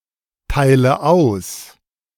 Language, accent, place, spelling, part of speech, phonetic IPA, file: German, Germany, Berlin, teile aus, verb, [ˌtaɪ̯lə ˈaʊ̯s], De-teile aus.ogg
- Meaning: inflection of austeilen: 1. first-person singular present 2. first/third-person singular subjunctive I 3. singular imperative